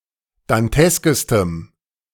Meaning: strong dative masculine/neuter singular superlative degree of dantesk
- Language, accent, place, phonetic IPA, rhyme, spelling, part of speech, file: German, Germany, Berlin, [danˈtɛskəstəm], -ɛskəstəm, danteskestem, adjective, De-danteskestem.ogg